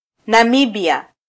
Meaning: Namibia (a country in Southern Africa)
- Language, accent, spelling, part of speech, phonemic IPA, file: Swahili, Kenya, Namibia, proper noun, /nɑˈmi.ɓi.ɑ/, Sw-ke-Namibia.flac